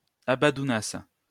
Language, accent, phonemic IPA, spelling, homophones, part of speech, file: French, France, /a.bɑ̃.du.nas/, abandounasses, abandounasse / abandounassent, verb, LL-Q150 (fra)-abandounasses.wav
- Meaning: second-person singular imperfect subjunctive of abandouner